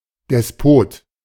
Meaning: despot
- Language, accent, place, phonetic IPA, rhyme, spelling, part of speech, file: German, Germany, Berlin, [dɛsˈpoːt], -oːt, Despot, noun, De-Despot.ogg